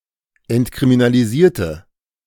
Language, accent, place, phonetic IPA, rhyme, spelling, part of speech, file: German, Germany, Berlin, [ɛntkʁiminaliˈziːɐ̯tə], -iːɐ̯tə, entkriminalisierte, adjective / verb, De-entkriminalisierte.ogg
- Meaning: inflection of entkriminalisieren: 1. first/third-person singular preterite 2. first/third-person singular subjunctive II